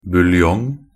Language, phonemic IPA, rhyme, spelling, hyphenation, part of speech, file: Norwegian Bokmål, /bʉlˈjɔŋ/, -ɔŋ, buljong, bul‧jong, noun, Nb-buljong.ogg
- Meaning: 1. bouillon (a clear broth made by simmering meat (such as beef or chicken), vegetables or fish) 2. a thin soup made from meat broth